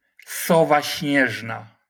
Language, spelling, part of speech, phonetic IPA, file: Polish, sowa śnieżna, noun, [ˈsɔva ˈɕɲɛʒna], LL-Q809 (pol)-sowa śnieżna.wav